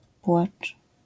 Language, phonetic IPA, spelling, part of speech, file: Polish, [pwat͡ʃ], płacz, noun / verb, LL-Q809 (pol)-płacz.wav